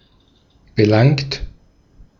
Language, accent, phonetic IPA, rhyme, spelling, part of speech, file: German, Austria, [bəˈlaŋt], -aŋt, belangt, verb, De-at-belangt.ogg
- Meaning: 1. past participle of belangen 2. inflection of belangen: second-person plural present 3. inflection of belangen: third-person singular present 4. inflection of belangen: plural imperative